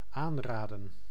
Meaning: to suggest, advise
- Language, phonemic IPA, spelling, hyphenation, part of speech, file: Dutch, /ˈaːnˌraːdə(n)/, aanraden, aan‧ra‧den, verb, Nl-aanraden.ogg